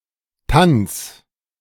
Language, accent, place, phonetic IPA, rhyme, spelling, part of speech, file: German, Germany, Berlin, [tans], -ans, Tanns, noun, De-Tanns.ogg
- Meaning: genitive of Tann